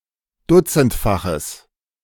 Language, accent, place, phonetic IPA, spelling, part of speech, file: German, Germany, Berlin, [ˈdʊt͡sn̩tfaxəs], dutzendfaches, adjective, De-dutzendfaches.ogg
- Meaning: strong/mixed nominative/accusative neuter singular of dutzendfach